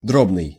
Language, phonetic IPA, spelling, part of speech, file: Russian, [ˈdrobnɨj], дробный, adjective, Ru-дробный.ogg
- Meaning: 1. fractional (relating to a fraction) 2. staccato (with each sound or note sharply detached or separated from the others)